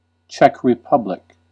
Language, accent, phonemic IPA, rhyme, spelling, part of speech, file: English, US, /ˈtʃɛk ɹɪˈpʌblɪk/, -ʌblɪk, Czech Republic, proper noun, En-us-Czech Republic.ogg
- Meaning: 1. A country in Central Europe. Capital and largest city: Prague. Until 1993, part of Czechoslovakia 2. The Czech Socialist Republic